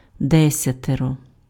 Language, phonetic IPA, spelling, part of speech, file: Ukrainian, [ˈdɛsʲɐterɔ], десятеро, determiner, Uk-десятеро.ogg
- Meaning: ten